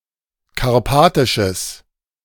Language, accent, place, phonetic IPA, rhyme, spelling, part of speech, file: German, Germany, Berlin, [kaʁˈpaːtɪʃəs], -aːtɪʃəs, karpatisches, adjective, De-karpatisches.ogg
- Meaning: strong/mixed nominative/accusative neuter singular of karpatisch